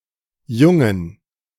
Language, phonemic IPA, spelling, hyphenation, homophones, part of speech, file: German, /ˈjʊŋən/, jungen, jun‧gen, Jungen, verb, De-jungen.ogg
- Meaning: to give birth